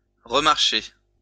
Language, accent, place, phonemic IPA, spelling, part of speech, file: French, France, Lyon, /ʁə.maʁ.ʃe/, remarcher, verb, LL-Q150 (fra)-remarcher.wav
- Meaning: 1. to work, to function again 2. to rewalk, walk again